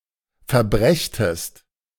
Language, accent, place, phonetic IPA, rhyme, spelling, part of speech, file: German, Germany, Berlin, [fɛɐ̯ˈbʁɛçtəst], -ɛçtəst, verbrächtest, verb, De-verbrächtest.ogg
- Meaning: second-person singular subjunctive II of verbringen